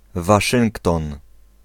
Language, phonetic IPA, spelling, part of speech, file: Polish, [vaˈʃɨ̃ŋktɔ̃n], Waszyngton, proper noun, Pl-Waszyngton.ogg